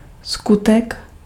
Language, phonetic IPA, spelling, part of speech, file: Czech, [ˈskutɛk], skutek, noun, Cs-skutek.ogg
- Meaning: deed